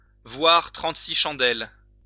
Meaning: to see stars
- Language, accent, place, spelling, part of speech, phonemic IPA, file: French, France, Lyon, voir trente-six chandelles, verb, /vwaʁ tʁɑ̃t.si ʃɑ̃.dɛl/, LL-Q150 (fra)-voir trente-six chandelles.wav